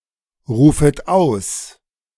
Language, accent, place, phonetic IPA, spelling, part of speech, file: German, Germany, Berlin, [ˌʁuːfət ˈaʊ̯s], rufet aus, verb, De-rufet aus.ogg
- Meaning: second-person plural subjunctive I of ausrufen